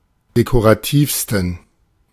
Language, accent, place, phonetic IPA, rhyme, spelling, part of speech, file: German, Germany, Berlin, [dekoʁaˈtiːfstn̩], -iːfstn̩, dekorativsten, adjective, De-dekorativsten.ogg
- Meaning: 1. superlative degree of dekorativ 2. inflection of dekorativ: strong genitive masculine/neuter singular superlative degree